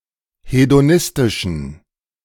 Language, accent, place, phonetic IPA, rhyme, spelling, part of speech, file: German, Germany, Berlin, [hedoˈnɪstɪʃn̩], -ɪstɪʃn̩, hedonistischen, adjective, De-hedonistischen.ogg
- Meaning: inflection of hedonistisch: 1. strong genitive masculine/neuter singular 2. weak/mixed genitive/dative all-gender singular 3. strong/weak/mixed accusative masculine singular 4. strong dative plural